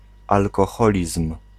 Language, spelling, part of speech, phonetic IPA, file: Polish, alkoholizm, noun, [ˌalkɔˈxɔlʲism̥], Pl-alkoholizm.ogg